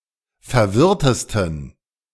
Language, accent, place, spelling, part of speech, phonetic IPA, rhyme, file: German, Germany, Berlin, verwirrtesten, adjective, [fɛɐ̯ˈvɪʁtəstn̩], -ɪʁtəstn̩, De-verwirrtesten.ogg
- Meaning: 1. superlative degree of verwirrt 2. inflection of verwirrt: strong genitive masculine/neuter singular superlative degree